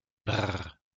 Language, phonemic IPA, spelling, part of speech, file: French, /bʁ/, brrr, interjection, LL-Q150 (fra)-brrr.wav
- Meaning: brr; brrr